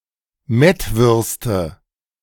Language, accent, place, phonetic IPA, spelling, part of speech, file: German, Germany, Berlin, [ˈmɛtˌvʏʁstə], Mettwürste, noun, De-Mettwürste.ogg
- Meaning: nominative/accusative/genitive plural of Mettwurst